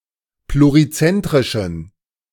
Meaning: inflection of plurizentrisch: 1. strong genitive masculine/neuter singular 2. weak/mixed genitive/dative all-gender singular 3. strong/weak/mixed accusative masculine singular 4. strong dative plural
- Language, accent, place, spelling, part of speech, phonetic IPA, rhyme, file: German, Germany, Berlin, plurizentrischen, adjective, [pluʁiˈt͡sɛntʁɪʃn̩], -ɛntʁɪʃn̩, De-plurizentrischen.ogg